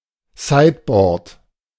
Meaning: sideboard (piece of dining room furniture)
- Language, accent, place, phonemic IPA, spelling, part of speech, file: German, Germany, Berlin, /ˈsaɪ̯tˌbɔːɐ̯t/, Sideboard, noun, De-Sideboard.ogg